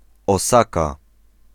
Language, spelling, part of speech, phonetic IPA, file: Polish, Osaka, proper noun, [ɔˈsaka], Pl-Osaka.ogg